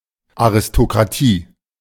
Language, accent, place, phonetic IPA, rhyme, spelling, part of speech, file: German, Germany, Berlin, [aʁɪstokʁaˈtiː], -iː, Aristokratie, noun, De-Aristokratie.ogg
- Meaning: aristocracy